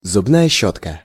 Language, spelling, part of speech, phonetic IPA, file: Russian, зубная щётка, noun, [zʊbˈnajə ˈɕːɵtkə], Ru-зубная щётка.ogg
- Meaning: toothbrush